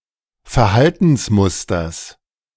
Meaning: genitive singular of Verhaltensmuster
- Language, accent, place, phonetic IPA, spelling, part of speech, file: German, Germany, Berlin, [fɛɐ̯ˈhaltn̩sˌmʊstɐs], Verhaltensmusters, noun, De-Verhaltensmusters.ogg